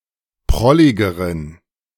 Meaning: inflection of prollig: 1. strong genitive masculine/neuter singular comparative degree 2. weak/mixed genitive/dative all-gender singular comparative degree
- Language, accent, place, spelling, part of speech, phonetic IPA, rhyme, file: German, Germany, Berlin, prolligeren, adjective, [ˈpʁɔlɪɡəʁən], -ɔlɪɡəʁən, De-prolligeren.ogg